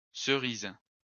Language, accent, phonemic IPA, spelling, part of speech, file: French, France, /sə.ʁiz/, cerises, noun, LL-Q150 (fra)-cerises.wav
- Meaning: plural of cerise